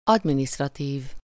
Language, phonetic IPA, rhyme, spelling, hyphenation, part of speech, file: Hungarian, [ˈɒdministrɒtiːv], -iːv, adminisztratív, ad‧mi‧niszt‧ra‧tív, adjective, Hu-adminisztratív.ogg
- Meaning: administrative